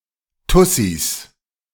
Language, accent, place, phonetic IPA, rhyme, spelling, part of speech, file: German, Germany, Berlin, [ˈtʊsis], -ʊsis, Tussis, noun, De-Tussis.ogg
- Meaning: plural of Tussi